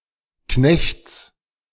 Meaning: genitive singular of Knecht
- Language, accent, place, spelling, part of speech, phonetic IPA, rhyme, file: German, Germany, Berlin, Knechts, noun, [knɛçt͡s], -ɛçt͡s, De-Knechts.ogg